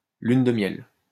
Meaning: 1. honeymoon (period of time immediately following a marriage) 2. honeymoon, wedding trip (trip taken by a newly wed married couple)
- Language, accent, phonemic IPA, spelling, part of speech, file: French, France, /lyn də mjɛl/, lune de miel, noun, LL-Q150 (fra)-lune de miel.wav